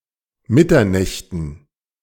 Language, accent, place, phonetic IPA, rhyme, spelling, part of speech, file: German, Germany, Berlin, [ˈmɪtɐˌnɛçtn̩], -ɪtɐnɛçtn̩, Mitternächten, noun, De-Mitternächten.ogg
- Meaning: dative plural of Mitternacht